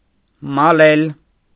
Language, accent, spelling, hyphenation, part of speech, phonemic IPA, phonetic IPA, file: Armenian, Eastern Armenian, մալել, մա‧լել, verb, /mɑˈlel/, [mɑlél], Hy-մալել.ogg
- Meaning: to castrate